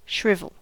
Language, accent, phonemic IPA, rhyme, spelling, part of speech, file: English, US, /ˈʃɹɪvəl/, -ɪvəl, shrivel, verb, En-us-shrivel.ogg
- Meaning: 1. To collapse inward; to crumble 2. To become wrinkled 3. To draw into wrinkles